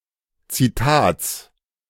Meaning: genitive singular of Zitat
- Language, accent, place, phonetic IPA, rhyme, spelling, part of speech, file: German, Germany, Berlin, [t͡siˈtaːt͡s], -aːt͡s, Zitats, noun, De-Zitats.ogg